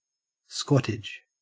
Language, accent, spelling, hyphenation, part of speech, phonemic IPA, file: English, Australia, squattage, squat‧tage, noun, /ˈskwɔ.tədʒ/, En-au-squattage.ogg
- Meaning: A holding occupied by a squatter (an occupier of Crown land or a large-scale land owner)